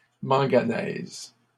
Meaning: manganese
- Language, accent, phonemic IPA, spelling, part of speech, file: French, Canada, /mɑ̃.ɡa.nɛz/, manganèse, noun, LL-Q150 (fra)-manganèse.wav